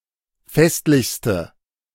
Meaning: inflection of festlich: 1. strong/mixed nominative/accusative feminine singular superlative degree 2. strong nominative/accusative plural superlative degree
- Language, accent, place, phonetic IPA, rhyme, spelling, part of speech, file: German, Germany, Berlin, [ˈfɛstlɪçstə], -ɛstlɪçstə, festlichste, adjective, De-festlichste.ogg